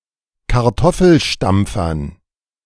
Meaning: dative plural of Kartoffelstampfer
- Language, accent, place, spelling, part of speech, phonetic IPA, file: German, Germany, Berlin, Kartoffelstampfern, noun, [kaʁˈtɔfl̩ˌʃtamp͡fɐn], De-Kartoffelstampfern.ogg